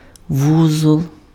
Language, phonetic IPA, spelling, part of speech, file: Ukrainian, [ˈwuzɔɫ], вузол, noun, Uk-вузол.ogg
- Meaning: knot